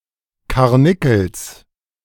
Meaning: genitive singular of Karnickel
- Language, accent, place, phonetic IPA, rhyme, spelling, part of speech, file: German, Germany, Berlin, [kaʁˈnɪkl̩s], -ɪkl̩s, Karnickels, noun, De-Karnickels.ogg